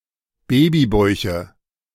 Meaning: nominative genitive accusative plural of Babybauch
- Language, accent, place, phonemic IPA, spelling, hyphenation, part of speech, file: German, Germany, Berlin, /ˈbeːbiˌbɔɪ̯çə/, Babybäuche, Ba‧by‧bäu‧che, noun, De-Babybäuche.ogg